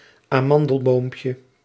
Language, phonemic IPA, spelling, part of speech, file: Dutch, /aˈmɑndəlbompjə/, amandelboompje, noun, Nl-amandelboompje.ogg
- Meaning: diminutive of amandelboom